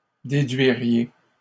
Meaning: second-person plural conditional of déduire
- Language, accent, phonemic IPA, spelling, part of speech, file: French, Canada, /de.dɥi.ʁje/, déduiriez, verb, LL-Q150 (fra)-déduiriez.wav